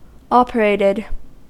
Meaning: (adjective) 1. Operated by the means specified e.g. a battery-operated toy 2. having undergone an operation; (verb) simple past and past participle of operate
- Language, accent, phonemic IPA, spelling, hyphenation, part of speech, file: English, US, /ˈɑpəɹeɪtɪd/, operated, op‧er‧at‧ed, adjective / verb, En-us-operated.ogg